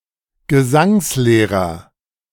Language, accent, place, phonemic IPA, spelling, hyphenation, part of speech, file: German, Germany, Berlin, /ɡəˈzaŋsˌleːʁɐ/, Gesangslehrer, Ge‧sangs‧leh‧rer, noun, De-Gesangslehrer.ogg
- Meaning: singing teacher, voice teacher (not a singing coach or vocal coach, called Stimmtrainer or Vocal Coach)